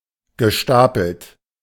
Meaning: past participle of stapeln
- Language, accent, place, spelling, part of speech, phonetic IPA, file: German, Germany, Berlin, gestapelt, verb, [ɡəˈʃtaːpl̩t], De-gestapelt.ogg